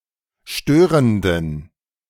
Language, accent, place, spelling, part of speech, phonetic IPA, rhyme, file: German, Germany, Berlin, störenden, adjective, [ˈʃtøːʁəndn̩], -øːʁəndn̩, De-störenden.ogg
- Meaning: inflection of störend: 1. strong genitive masculine/neuter singular 2. weak/mixed genitive/dative all-gender singular 3. strong/weak/mixed accusative masculine singular 4. strong dative plural